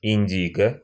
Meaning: 1. indigo (dye) 2. indigo (color/colour) 3. indigo plant
- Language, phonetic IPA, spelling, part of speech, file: Russian, [ɪnʲˈdʲiɡə], индиго, noun, Ru-индиго.ogg